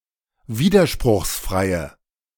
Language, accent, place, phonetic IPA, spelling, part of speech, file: German, Germany, Berlin, [ˈviːdɐʃpʁʊxsˌfʁaɪ̯ə], widerspruchsfreie, adjective, De-widerspruchsfreie.ogg
- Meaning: inflection of widerspruchsfrei: 1. strong/mixed nominative/accusative feminine singular 2. strong nominative/accusative plural 3. weak nominative all-gender singular